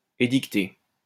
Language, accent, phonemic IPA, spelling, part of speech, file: French, France, /e.dik.te/, édicter, verb, LL-Q150 (fra)-édicter.wav
- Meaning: to promulgate or enact